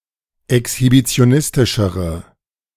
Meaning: inflection of exhibitionistisch: 1. strong/mixed nominative/accusative feminine singular comparative degree 2. strong nominative/accusative plural comparative degree
- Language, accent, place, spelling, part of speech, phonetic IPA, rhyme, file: German, Germany, Berlin, exhibitionistischere, adjective, [ɛkshibit͡si̯oˈnɪstɪʃəʁə], -ɪstɪʃəʁə, De-exhibitionistischere.ogg